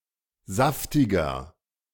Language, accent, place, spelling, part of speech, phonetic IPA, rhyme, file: German, Germany, Berlin, saftiger, adjective, [ˈzaftɪɡɐ], -aftɪɡɐ, De-saftiger.ogg
- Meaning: 1. comparative degree of saftig 2. inflection of saftig: strong/mixed nominative masculine singular 3. inflection of saftig: strong genitive/dative feminine singular